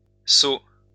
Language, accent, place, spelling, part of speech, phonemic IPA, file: French, France, Lyon, seaux, noun, /so/, LL-Q150 (fra)-seaux.wav
- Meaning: plural of seau